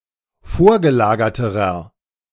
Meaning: inflection of vorgelagert: 1. strong/mixed nominative masculine singular comparative degree 2. strong genitive/dative feminine singular comparative degree 3. strong genitive plural comparative degree
- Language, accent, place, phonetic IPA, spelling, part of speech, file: German, Germany, Berlin, [ˈfoːɐ̯ɡəˌlaːɡɐtəʁɐ], vorgelagerterer, adjective, De-vorgelagerterer.ogg